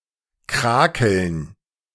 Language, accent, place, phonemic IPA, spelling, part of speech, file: German, Germany, Berlin, /ˈkʁaːkəln/, krakeln, verb, De-krakeln.ogg
- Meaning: to scrawl (write irregularly)